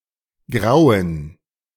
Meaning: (verb) 1. to cause terror 2. to be terrified 3. to break, to dawn 4. to dusk 5. to become grey; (adjective) inflection of grau: strong genitive masculine/neuter singular
- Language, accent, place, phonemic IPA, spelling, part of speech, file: German, Germany, Berlin, /ˈɡʁaʊ̯ən/, grauen, verb / adjective, De-grauen.ogg